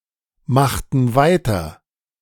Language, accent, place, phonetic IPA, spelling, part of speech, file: German, Germany, Berlin, [ˌmaxtn̩ ˈvaɪ̯tɐ], machten weiter, verb, De-machten weiter.ogg
- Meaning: inflection of weitermachen: 1. first/third-person plural preterite 2. first/third-person plural subjunctive II